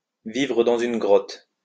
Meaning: to live under a rock
- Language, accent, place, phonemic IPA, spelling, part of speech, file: French, France, Lyon, /vi.vʁə dɑ̃.z‿yn ɡʁɔt/, vivre dans une grotte, verb, LL-Q150 (fra)-vivre dans une grotte.wav